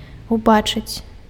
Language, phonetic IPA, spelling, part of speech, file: Belarusian, [uˈbat͡ʂɨt͡sʲ], убачыць, verb, Be-убачыць.ogg
- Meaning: to see